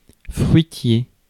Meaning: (adjective) fruit-bearing; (noun) fruitseller
- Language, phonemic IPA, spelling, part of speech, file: French, /fʁɥi.tje/, fruitier, adjective / noun, Fr-fruitier.ogg